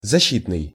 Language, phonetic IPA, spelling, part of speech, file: Russian, [zɐˈɕːitnɨj], защитный, adjective, Ru-защитный.ogg
- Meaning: 1. protective 2. safety